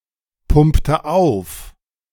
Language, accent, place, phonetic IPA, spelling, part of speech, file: German, Germany, Berlin, [ˌpʊmptə ˈaʊ̯f], pumpte auf, verb, De-pumpte auf.ogg
- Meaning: inflection of aufpumpen: 1. first/third-person singular preterite 2. first/third-person singular subjunctive II